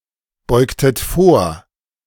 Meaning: inflection of vorbeugen: 1. second-person plural preterite 2. second-person plural subjunctive II
- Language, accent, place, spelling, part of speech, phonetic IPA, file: German, Germany, Berlin, beugtet vor, verb, [ˌbɔɪ̯ktət ˈfoːɐ̯], De-beugtet vor.ogg